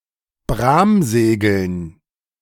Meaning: dative plural of Bramsegel
- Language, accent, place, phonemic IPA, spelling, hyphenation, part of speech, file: German, Germany, Berlin, /ˈbʁaːmˌz̥eːɡl̩n/, Bramsegeln, Bram‧se‧geln, noun, De-Bramsegeln.ogg